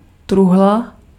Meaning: chest (strong box)
- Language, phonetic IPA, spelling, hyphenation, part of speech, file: Czech, [ˈtruɦla], truhla, truh‧la, noun, Cs-truhla.ogg